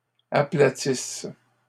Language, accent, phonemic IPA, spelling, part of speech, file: French, Canada, /a.pla.tis/, aplatisse, verb, LL-Q150 (fra)-aplatisse.wav
- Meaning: inflection of aplatir: 1. first/third-person singular present subjunctive 2. first-person singular imperfect subjunctive